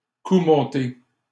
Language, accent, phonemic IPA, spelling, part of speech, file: French, Canada, /ku mɔ̃.te/, coup monté, noun, LL-Q150 (fra)-coup monté.wav
- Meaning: a setup, a frameup, a stitch-up